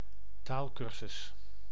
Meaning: language course, language training
- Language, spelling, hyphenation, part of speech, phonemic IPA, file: Dutch, taalcursus, taal‧cur‧sus, noun, /ˈtaːlˌkʏr.zʏs/, Nl-taalcursus.ogg